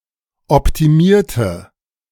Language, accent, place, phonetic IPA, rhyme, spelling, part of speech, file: German, Germany, Berlin, [ɔptiˈmiːɐ̯tə], -iːɐ̯tə, optimierte, adjective / verb, De-optimierte.ogg
- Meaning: inflection of optimieren: 1. first/third-person singular preterite 2. first/third-person singular subjunctive II